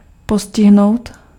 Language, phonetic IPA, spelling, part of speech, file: Czech, [ˈposcɪɦnou̯t], postihnout, verb, Cs-postihnout.ogg
- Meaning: to affect, to afflict (to infect or harm)